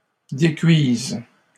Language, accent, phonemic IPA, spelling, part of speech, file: French, Canada, /de.kɥiz/, décuises, verb, LL-Q150 (fra)-décuises.wav
- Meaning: second-person singular present subjunctive of décuire